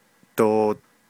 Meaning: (particle) 1. Used as a part to form the negative frame doo...da, "not", "do not" 2. With a nominalizer, forms a negative noun phrase 3. With a verb + -góó, forms a negative conditional
- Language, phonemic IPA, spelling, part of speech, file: Navajo, /tòː/, doo, particle / verb, Nv-doo.ogg